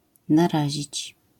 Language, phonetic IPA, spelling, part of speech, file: Polish, [naˈraʑit͡ɕ], narazić, verb, LL-Q809 (pol)-narazić.wav